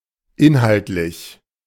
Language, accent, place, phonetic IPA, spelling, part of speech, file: German, Germany, Berlin, [ˈɪnhaltlɪç], inhaltlich, adjective, De-inhaltlich.ogg
- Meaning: 1. content 2. contextual 3. substantial (relating to substance)